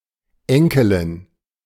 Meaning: granddaughter
- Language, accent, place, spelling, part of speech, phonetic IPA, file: German, Germany, Berlin, Enkelin, noun, [ˈɛŋkəlɪn], De-Enkelin.ogg